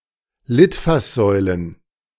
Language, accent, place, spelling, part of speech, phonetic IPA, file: German, Germany, Berlin, Litfaßsäulen, noun, [ˈlɪtfasˌzɔɪ̯lən], De-Litfaßsäulen.ogg
- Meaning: plural of Litfaßsäule